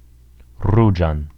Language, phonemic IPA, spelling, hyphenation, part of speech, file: Esperanto, /ˈru.d͡ʒan/, ruĝan, ru‧ĝan, adjective, Eo-ruĝan.ogg
- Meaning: accusative singular of ruĝa